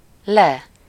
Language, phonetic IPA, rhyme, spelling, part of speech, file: Hungarian, [ˈlɛ], -lɛ, le, adverb, Hu-le.ogg
- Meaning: down